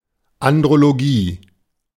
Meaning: andrology
- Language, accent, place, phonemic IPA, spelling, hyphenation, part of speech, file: German, Germany, Berlin, /andʁoloˈɡiː/, Andrologie, An‧d‧ro‧lo‧gie, noun, De-Andrologie.ogg